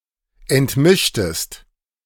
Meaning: inflection of entmischen: 1. second-person singular preterite 2. second-person singular subjunctive II
- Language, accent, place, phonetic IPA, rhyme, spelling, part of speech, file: German, Germany, Berlin, [ɛntˈmɪʃtəst], -ɪʃtəst, entmischtest, verb, De-entmischtest.ogg